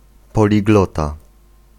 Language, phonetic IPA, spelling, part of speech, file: Polish, [ˌpɔlʲiˈɡlɔta], poliglota, noun, Pl-poliglota.ogg